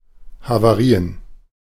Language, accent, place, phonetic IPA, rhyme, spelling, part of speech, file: German, Germany, Berlin, [havaˈʁiːən], -iːən, Havarien, noun, De-Havarien.ogg
- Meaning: plural of Havarie